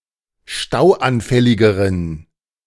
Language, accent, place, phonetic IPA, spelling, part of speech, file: German, Germany, Berlin, [ˈʃtaʊ̯ʔanˌfɛlɪɡəʁən], stauanfälligeren, adjective, De-stauanfälligeren.ogg
- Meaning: inflection of stauanfällig: 1. strong genitive masculine/neuter singular comparative degree 2. weak/mixed genitive/dative all-gender singular comparative degree